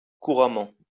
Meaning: 1. fluently 2. usually, commonly
- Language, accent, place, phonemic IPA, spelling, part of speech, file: French, France, Lyon, /ku.ʁa.mɑ̃/, couramment, adverb, LL-Q150 (fra)-couramment.wav